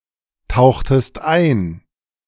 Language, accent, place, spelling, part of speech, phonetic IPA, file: German, Germany, Berlin, tauchtest ein, verb, [ˌtaʊ̯xtəst ˈaɪ̯n], De-tauchtest ein.ogg
- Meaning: inflection of eintauchen: 1. second-person singular preterite 2. second-person singular subjunctive II